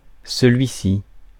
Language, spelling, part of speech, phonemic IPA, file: French, celui-ci, pronoun, /sə.lɥi.si/, Fr-celui-ci.ogg
- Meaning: 1. this one 2. the latter